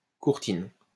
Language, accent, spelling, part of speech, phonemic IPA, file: French, France, courtine, noun, /kuʁ.tin/, LL-Q150 (fra)-courtine.wav
- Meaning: 1. curtain 2. curtain wall (fortification)